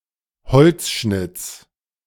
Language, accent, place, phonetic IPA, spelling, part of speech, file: German, Germany, Berlin, [ˈhɔlt͡sˌʃnɪt͡s], Holzschnitts, noun, De-Holzschnitts.ogg
- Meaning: genitive singular of Holzschnitt